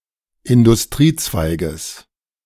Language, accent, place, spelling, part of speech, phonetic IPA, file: German, Germany, Berlin, Industriezweiges, noun, [ɪndʊsˈtʁiːˌt͡svaɪ̯ɡəs], De-Industriezweiges.ogg
- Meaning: genitive singular of Industriezweig